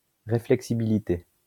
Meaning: reflexibility
- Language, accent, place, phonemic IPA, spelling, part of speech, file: French, France, Lyon, /ʁe.flɛk.si.bi.li.te/, réflexibilité, noun, LL-Q150 (fra)-réflexibilité.wav